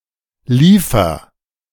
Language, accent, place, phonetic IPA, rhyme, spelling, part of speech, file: German, Germany, Berlin, [ˈliːfɐ], -iːfɐ, liefer, verb, De-liefer.ogg
- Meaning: inflection of liefern: 1. first-person singular present 2. singular imperative